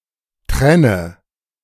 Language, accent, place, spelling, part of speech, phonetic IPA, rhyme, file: German, Germany, Berlin, trenne, verb, [ˈtʁɛnə], -ɛnə, De-trenne.ogg
- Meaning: inflection of trennen: 1. first-person singular present 2. first/third-person singular subjunctive I 3. singular imperative